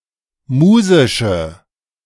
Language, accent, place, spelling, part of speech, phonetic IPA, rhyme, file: German, Germany, Berlin, musische, adjective, [ˈmuːzɪʃə], -uːzɪʃə, De-musische.ogg
- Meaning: inflection of musisch: 1. strong/mixed nominative/accusative feminine singular 2. strong nominative/accusative plural 3. weak nominative all-gender singular 4. weak accusative feminine/neuter singular